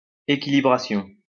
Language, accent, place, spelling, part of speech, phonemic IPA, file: French, France, Lyon, équilibration, noun, /e.ki.li.bʁa.sjɔ̃/, LL-Q150 (fra)-équilibration.wav
- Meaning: equilibration